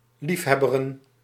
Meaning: to dabble [with in ‘in’], to practice as a dilettante, to engage in dilettantism
- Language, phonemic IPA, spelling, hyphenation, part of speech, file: Dutch, /ˈlifˌɦɛ.bə.rə(n)/, liefhebberen, lief‧heb‧be‧ren, verb, Nl-liefhebberen.ogg